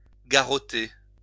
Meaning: to bind, fasten strongly
- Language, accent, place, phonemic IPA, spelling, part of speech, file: French, France, Lyon, /ɡa.ʁɔ.te/, garrotter, verb, LL-Q150 (fra)-garrotter.wav